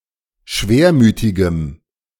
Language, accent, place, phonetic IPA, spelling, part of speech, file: German, Germany, Berlin, [ˈʃveːɐ̯ˌmyːtɪɡəm], schwermütigem, adjective, De-schwermütigem.ogg
- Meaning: strong dative masculine/neuter singular of schwermütig